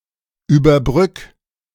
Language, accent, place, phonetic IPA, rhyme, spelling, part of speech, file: German, Germany, Berlin, [yːbɐˈbʁʏk], -ʏk, überbrück, verb, De-überbrück.ogg
- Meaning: 1. singular imperative of überbrücken 2. first-person singular present of überbrücken